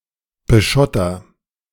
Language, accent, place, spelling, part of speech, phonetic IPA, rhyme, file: German, Germany, Berlin, beschotter, verb, [bəˈʃɔtɐ], -ɔtɐ, De-beschotter.ogg
- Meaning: inflection of beschottern: 1. first-person singular present 2. singular imperative